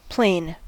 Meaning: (adjective) Of a surface: flat or level; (noun) 1. A level or flat surface 2. A flat surface extending infinitely in all directions (e.g. horizontal or vertical plane); a bounded portion thereof
- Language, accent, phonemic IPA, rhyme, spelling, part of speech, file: English, US, /pleɪn/, -eɪn, plane, adjective / noun / verb, En-us-plane.ogg